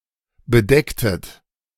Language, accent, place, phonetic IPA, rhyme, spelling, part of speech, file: German, Germany, Berlin, [bəˈdɛktət], -ɛktət, bedecktet, verb, De-bedecktet.ogg
- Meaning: inflection of bedecken: 1. second-person plural preterite 2. second-person plural subjunctive II